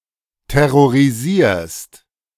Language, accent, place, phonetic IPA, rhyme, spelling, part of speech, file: German, Germany, Berlin, [tɛʁoʁiˈziːɐ̯st], -iːɐ̯st, terrorisierst, verb, De-terrorisierst.ogg
- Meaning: second-person singular present of terrorisieren